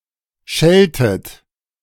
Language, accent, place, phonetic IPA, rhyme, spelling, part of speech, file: German, Germany, Berlin, [ˈʃɛltət], -ɛltət, schelltet, verb, De-schelltet.ogg
- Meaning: inflection of schellen: 1. second-person plural preterite 2. second-person plural subjunctive II